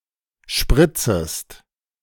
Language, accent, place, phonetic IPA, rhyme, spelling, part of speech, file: German, Germany, Berlin, [ˈʃpʁɪt͡səst], -ɪt͡səst, spritzest, verb, De-spritzest.ogg
- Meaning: second-person singular subjunctive I of spritzen